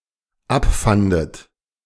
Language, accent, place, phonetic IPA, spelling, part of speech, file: German, Germany, Berlin, [ˈapˌfandət], abfandet, verb, De-abfandet.ogg
- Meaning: second-person plural dependent preterite of abfinden